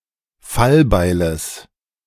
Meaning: genitive singular of Fallbeil
- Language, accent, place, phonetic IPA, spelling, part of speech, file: German, Germany, Berlin, [ˈfalˌbaɪ̯ləs], Fallbeiles, noun, De-Fallbeiles.ogg